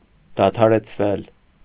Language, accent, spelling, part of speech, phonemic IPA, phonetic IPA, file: Armenian, Eastern Armenian, դադարեցվել, verb, /dɑtʰɑɾet͡sʰˈvel/, [dɑtʰɑɾet͡sʰvél], Hy-դադարեցվել.ogg
- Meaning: mediopassive of դադարեցնել (dadarecʻnel)